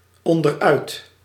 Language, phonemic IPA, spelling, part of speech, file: Dutch, /ˌɔndəˈrœyt/, onderuit, adverb, Nl-onderuit.ogg
- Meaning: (adverb) 1. out from underneath (something) 2. losing support (of one's legs, etc.),; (interjection) timber!